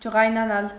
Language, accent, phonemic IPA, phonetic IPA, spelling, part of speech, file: Armenian, Eastern Armenian, /d͡ʒəʁɑjnɑˈnɑl/, [d͡ʒəʁɑjnɑnɑ́l], ջղայնանալ, verb, Hy-ջղայնանալ.ogg
- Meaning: 1. to be irritated, annoyed 2. to be angry